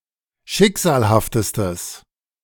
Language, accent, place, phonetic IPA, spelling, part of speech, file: German, Germany, Berlin, [ˈʃɪkz̥aːlhaftəstəs], schicksalhaftestes, adjective, De-schicksalhaftestes.ogg
- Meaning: strong/mixed nominative/accusative neuter singular superlative degree of schicksalhaft